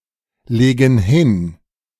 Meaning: inflection of hinlegen: 1. first/third-person plural present 2. first/third-person plural subjunctive I
- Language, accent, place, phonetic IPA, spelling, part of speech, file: German, Germany, Berlin, [ˌleːɡn̩ ˈhɪn], legen hin, verb, De-legen hin.ogg